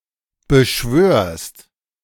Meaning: second-person singular present of beschwören
- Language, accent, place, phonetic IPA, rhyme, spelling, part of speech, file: German, Germany, Berlin, [bəˈʃvøːɐ̯st], -øːɐ̯st, beschwörst, verb, De-beschwörst.ogg